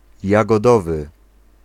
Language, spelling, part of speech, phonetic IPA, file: Polish, jagodowy, adjective, [ˌjaɡɔˈdɔvɨ], Pl-jagodowy.ogg